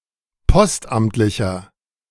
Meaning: inflection of postamtlich: 1. strong/mixed nominative masculine singular 2. strong genitive/dative feminine singular 3. strong genitive plural
- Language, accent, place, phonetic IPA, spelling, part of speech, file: German, Germany, Berlin, [ˈpɔstˌʔamtlɪçɐ], postamtlicher, adjective, De-postamtlicher.ogg